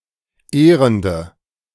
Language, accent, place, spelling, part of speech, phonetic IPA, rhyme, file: German, Germany, Berlin, ehrende, adjective, [ˈeːʁəndə], -eːʁəndə, De-ehrende.ogg
- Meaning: inflection of ehrend: 1. strong/mixed nominative/accusative feminine singular 2. strong nominative/accusative plural 3. weak nominative all-gender singular 4. weak accusative feminine/neuter singular